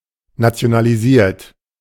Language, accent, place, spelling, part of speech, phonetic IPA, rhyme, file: German, Germany, Berlin, nationalisiert, verb, [nat͡si̯onaliˈziːɐ̯t], -iːɐ̯t, De-nationalisiert.ogg
- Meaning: 1. past participle of nationalisieren 2. inflection of nationalisieren: third-person singular present 3. inflection of nationalisieren: second-person plural present